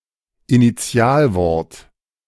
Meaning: initialism
- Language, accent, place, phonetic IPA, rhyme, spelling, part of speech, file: German, Germany, Berlin, [iniˈt͡si̯aːlˌvɔʁt], -aːlvɔʁt, Initialwort, noun, De-Initialwort.ogg